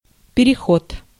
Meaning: 1. passage 2. crossing 3. march 4. transition; conversion
- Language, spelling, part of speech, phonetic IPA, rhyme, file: Russian, переход, noun, [pʲɪrʲɪˈxot], -ot, Ru-переход.ogg